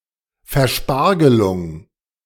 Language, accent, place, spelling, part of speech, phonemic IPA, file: German, Germany, Berlin, Verspargelung, noun, /fɛʁˈʃpaʁɡəlʊŋ/, De-Verspargelung.ogg
- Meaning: the destruction, defilement or disruption of natural landscapes through the construction of wind farms